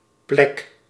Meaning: 1. spot, place 2. bruise
- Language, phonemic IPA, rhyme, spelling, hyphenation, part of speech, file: Dutch, /plɛk/, -ɛk, plek, plek, noun, Nl-plek.ogg